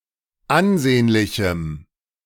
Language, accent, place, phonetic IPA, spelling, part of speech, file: German, Germany, Berlin, [ˈanˌzeːnlɪçm̩], ansehnlichem, adjective, De-ansehnlichem.ogg
- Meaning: strong dative masculine/neuter singular of ansehnlich